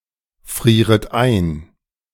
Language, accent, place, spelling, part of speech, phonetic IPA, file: German, Germany, Berlin, frieret ein, verb, [ˌfʁiːʁət ˈaɪ̯n], De-frieret ein.ogg
- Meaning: second-person plural subjunctive I of einfrieren